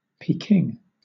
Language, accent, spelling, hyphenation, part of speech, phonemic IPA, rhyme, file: English, Southern England, Peking, Pe‧king, proper noun, /piːˈkɪŋ/, -ɪŋ, LL-Q1860 (eng)-Peking.wav
- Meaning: Dated form of Beijing: 1. a direct-administered municipality, the capital city of China 2. the government of the People's Republic of China; the central leadership of the Chinese Communist Party